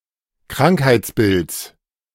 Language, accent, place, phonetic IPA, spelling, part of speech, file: German, Germany, Berlin, [ˈkʁaŋkhaɪ̯t͡sˌbɪlt͡s], Krankheitsbilds, noun, De-Krankheitsbilds.ogg
- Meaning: genitive singular of Krankheitsbild